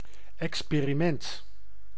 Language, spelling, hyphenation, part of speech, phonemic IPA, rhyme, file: Dutch, experiment, ex‧pe‧ri‧ment, noun, /ˌɛks.peː.riˈmɛnt/, -ɛnt, Nl-experiment.ogg
- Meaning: experiment